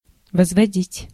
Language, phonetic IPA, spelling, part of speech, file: Russian, [vəzvɐˈdʲitʲ], возводить, verb, Ru-возводить.ogg
- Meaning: 1. to raise, to erect 2. to exponentiate, to raise to a power 3. to derive 4. to cast (an accusation)